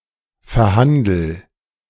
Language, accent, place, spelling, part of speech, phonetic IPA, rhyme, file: German, Germany, Berlin, verhandel, verb, [fɛɐ̯ˈhandl̩], -andl̩, De-verhandel.ogg
- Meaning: inflection of verhandeln: 1. first-person singular present 2. singular imperative